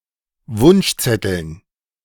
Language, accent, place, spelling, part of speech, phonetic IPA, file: German, Germany, Berlin, Wunschzetteln, noun, [ˈvʊnʃˌt͡sɛtl̩n], De-Wunschzetteln.ogg
- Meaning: dative plural of Wunschzettel